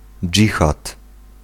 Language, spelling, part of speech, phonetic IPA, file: Polish, dżihad, noun, [ˈd͡ʒʲixat], Pl-dżihad.ogg